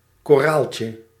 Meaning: diminutive of koraal
- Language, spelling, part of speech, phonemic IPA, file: Dutch, koraaltje, noun, /koˈralcə/, Nl-koraaltje.ogg